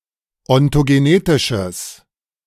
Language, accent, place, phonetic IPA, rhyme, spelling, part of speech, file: German, Germany, Berlin, [ɔntoɡeˈneːtɪʃəs], -eːtɪʃəs, ontogenetisches, adjective, De-ontogenetisches.ogg
- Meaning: strong/mixed nominative/accusative neuter singular of ontogenetisch